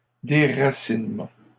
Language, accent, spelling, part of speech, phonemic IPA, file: French, Canada, déracinement, noun, /de.ʁa.sin.mɑ̃/, LL-Q150 (fra)-déracinement.wav
- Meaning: 1. uprooting 2. eradication